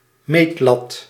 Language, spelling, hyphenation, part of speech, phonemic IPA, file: Dutch, meetlat, meet‧lat, noun, /ˈmetlɑt/, Nl-meetlat.ogg
- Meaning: a graduated flat ruler or yardstick, fit for measuring small distances